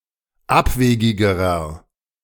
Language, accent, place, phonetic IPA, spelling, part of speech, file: German, Germany, Berlin, [ˈapˌveːɡɪɡəʁɐ], abwegigerer, adjective, De-abwegigerer.ogg
- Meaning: inflection of abwegig: 1. strong/mixed nominative masculine singular comparative degree 2. strong genitive/dative feminine singular comparative degree 3. strong genitive plural comparative degree